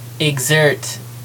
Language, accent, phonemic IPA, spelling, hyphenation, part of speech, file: English, US, /ɪɡˈzɝt/, exert, exert, verb, En-us-exert.ogg
- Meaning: 1. To make use of, to apply, especially of something nonmaterial; to bring to bear 2. To put in vigorous action